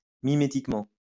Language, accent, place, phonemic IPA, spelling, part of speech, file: French, France, Lyon, /mi.me.tik.mɑ̃/, mimétiquement, adverb, LL-Q150 (fra)-mimétiquement.wav
- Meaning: mimetically